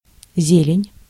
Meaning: 1. greenery, verdure (vegetation) 2. greens (leaves and green stems of plants eaten as vegetables or in salads) 3. green (color or pigment) 4. dollars, greenbacks
- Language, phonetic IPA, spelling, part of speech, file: Russian, [ˈzʲelʲɪnʲ], зелень, noun, Ru-зелень.ogg